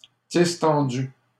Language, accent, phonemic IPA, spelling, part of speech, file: French, Canada, /dis.tɑ̃.dy/, distendues, adjective, LL-Q150 (fra)-distendues.wav
- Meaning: feminine plural of distendu